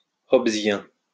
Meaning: Hobbesian
- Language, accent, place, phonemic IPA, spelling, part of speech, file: French, France, Lyon, /ɔ.b(ə).zjɛ̃/, hobbesien, adjective, LL-Q150 (fra)-hobbesien.wav